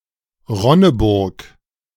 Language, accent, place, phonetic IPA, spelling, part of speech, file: German, Germany, Berlin, [ˈʁɔnəˌbʊʁk], Ronneburg, proper noun, De-Ronneburg.ogg
- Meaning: 1. a town in Hesse 2. a town in Thuringia 3. a surname